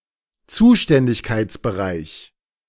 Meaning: field of responsibility, area of competence; (law) jurisdiction
- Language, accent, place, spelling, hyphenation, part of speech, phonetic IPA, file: German, Germany, Berlin, Zuständigkeitsbereich, Zu‧stän‧dig‧keits‧be‧reich, noun, [ˈt͡suːʃtɛndɪçkaɪ̯t͡sbəˌʁaɪ̯ç], De-Zuständigkeitsbereich.ogg